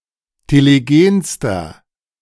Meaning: inflection of telegen: 1. strong/mixed nominative masculine singular superlative degree 2. strong genitive/dative feminine singular superlative degree 3. strong genitive plural superlative degree
- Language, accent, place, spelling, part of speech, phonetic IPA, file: German, Germany, Berlin, telegenster, adjective, [teleˈɡeːnstɐ], De-telegenster.ogg